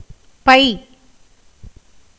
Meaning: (character) the alphasyllabic combination of ப் (p) + ஐ (ai); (noun) 1. bag, sack, satchel, purse 2. pocket (in a shirt, etc) 3. hood of a snake 4. bladder; duct
- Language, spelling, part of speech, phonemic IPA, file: Tamil, பை, character / noun / adjective, /pɐɪ̯/, Ta-பை.ogg